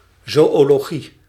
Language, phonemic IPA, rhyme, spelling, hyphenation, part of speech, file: Dutch, /ˌzoː.oː.loːˈɣi/, -i, zoölogie, zoö‧lo‧gie, noun, Nl-zoölogie.ogg
- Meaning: 1. zoology 2. zoo; especially the old one in Antwerp